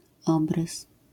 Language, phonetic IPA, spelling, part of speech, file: Polish, [ˈɔbrɨs], obrys, noun, LL-Q809 (pol)-obrys.wav